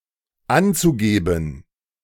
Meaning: zu-infinitive of angeben
- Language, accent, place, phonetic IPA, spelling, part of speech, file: German, Germany, Berlin, [ˈant͡suˌɡeːbn̩], anzugeben, verb, De-anzugeben.ogg